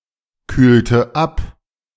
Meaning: inflection of abkühlen: 1. first/third-person singular preterite 2. first/third-person singular subjunctive II
- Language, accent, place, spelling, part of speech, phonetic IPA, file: German, Germany, Berlin, kühlte ab, verb, [ˌkyːltə ˈap], De-kühlte ab.ogg